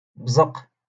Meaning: to spit
- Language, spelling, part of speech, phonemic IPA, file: Moroccan Arabic, بزق, verb, /bzaq/, LL-Q56426 (ary)-بزق.wav